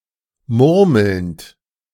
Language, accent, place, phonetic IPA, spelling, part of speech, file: German, Germany, Berlin, [ˈmʊʁml̩nt], murmelnd, verb, De-murmelnd.ogg
- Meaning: present participle of murmeln